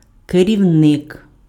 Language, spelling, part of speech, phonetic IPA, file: Ukrainian, керівник, noun, [kerʲiu̯ˈnɪk], Uk-керівник.ogg
- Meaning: 1. head, chief 2. manager, director 3. leader 4. conductor 5. guide 6. instructor